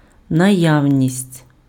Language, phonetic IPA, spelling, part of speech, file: Ukrainian, [nɐˈjau̯nʲisʲtʲ], наявність, noun, Uk-наявність.ogg
- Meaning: 1. presence 2. availability